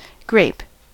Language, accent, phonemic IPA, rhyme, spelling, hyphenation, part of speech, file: English, US, /ɡɹeɪp/, -eɪp, grape, grape, noun / adjective / verb, En-us-grape.ogg